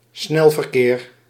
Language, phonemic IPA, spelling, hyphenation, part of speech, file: Dutch, /ˈsnɛl.vərˌkeːr/, snelverkeer, snel‧ver‧keer, noun, Nl-snelverkeer.ogg
- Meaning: fast traffic, usually motorised traffic